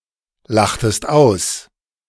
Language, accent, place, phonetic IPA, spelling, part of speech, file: German, Germany, Berlin, [ˌlaxtəst ˈaʊ̯s], lachtest aus, verb, De-lachtest aus.ogg
- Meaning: inflection of auslachen: 1. second-person singular preterite 2. second-person singular subjunctive II